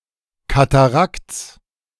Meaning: genitive singular of Katarakt
- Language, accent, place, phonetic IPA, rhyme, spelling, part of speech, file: German, Germany, Berlin, [kataˈʁakt͡s], -akt͡s, Katarakts, noun, De-Katarakts.ogg